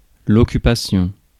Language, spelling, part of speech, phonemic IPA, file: French, occupation, noun, /ɔ.ky.pa.sjɔ̃/, Fr-occupation.ogg
- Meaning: 1. occupation (act of occupying, of being an occupant) 2. occupation (the occupying of a territory) 3. occupation (something that one spends one's time on, such as a job or a hobby)